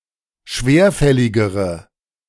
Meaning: inflection of schwerfällig: 1. strong/mixed nominative/accusative feminine singular comparative degree 2. strong nominative/accusative plural comparative degree
- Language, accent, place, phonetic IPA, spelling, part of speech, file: German, Germany, Berlin, [ˈʃveːɐ̯ˌfɛlɪɡəʁə], schwerfälligere, adjective, De-schwerfälligere.ogg